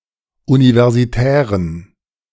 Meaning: inflection of universitär: 1. strong genitive masculine/neuter singular 2. weak/mixed genitive/dative all-gender singular 3. strong/weak/mixed accusative masculine singular 4. strong dative plural
- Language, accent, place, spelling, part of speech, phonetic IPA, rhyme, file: German, Germany, Berlin, universitären, adjective, [ˌunivɛʁziˈtɛːʁən], -ɛːʁən, De-universitären.ogg